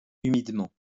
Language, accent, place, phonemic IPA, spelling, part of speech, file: French, France, Lyon, /y.mid.mɑ̃/, humidement, adverb, LL-Q150 (fra)-humidement.wav
- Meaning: humidly